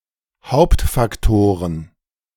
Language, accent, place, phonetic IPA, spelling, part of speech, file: German, Germany, Berlin, [ˈhaʊ̯ptfakˌtoːʁən], Hauptfaktoren, noun, De-Hauptfaktoren.ogg
- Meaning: plural of Hauptfaktor